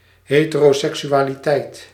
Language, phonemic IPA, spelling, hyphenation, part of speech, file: Dutch, /ˌɦeː.tə.roː.sɛk.sy.aː.liˈtɛi̯t/, heteroseksualiteit, he‧te‧ro‧sek‧su‧a‧li‧teit, noun, Nl-heteroseksualiteit.ogg
- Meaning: heterosexuality